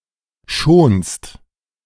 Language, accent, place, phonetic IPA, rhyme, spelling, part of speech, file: German, Germany, Berlin, [ʃoːnst], -oːnst, schonst, verb, De-schonst.ogg
- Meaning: second-person singular present of schonen